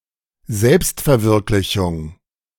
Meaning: self-actualization
- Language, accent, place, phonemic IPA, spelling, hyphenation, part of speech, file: German, Germany, Berlin, /ˈzɛlpstfɛɐ̯ˌvɪʁklɪçʊŋ/, Selbstverwirklichung, Selbst‧ver‧wirk‧li‧chung, noun, De-Selbstverwirklichung.ogg